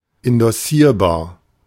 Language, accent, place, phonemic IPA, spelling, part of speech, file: German, Germany, Berlin, /ɪndɔˈsiːɐ̯baːɐ̯/, indossierbar, adjective, De-indossierbar.ogg
- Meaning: endorsable